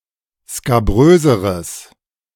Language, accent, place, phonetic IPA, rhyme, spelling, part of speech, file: German, Germany, Berlin, [skaˈbʁøːzəʁəs], -øːzəʁəs, skabröseres, adjective, De-skabröseres.ogg
- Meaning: strong/mixed nominative/accusative neuter singular comparative degree of skabrös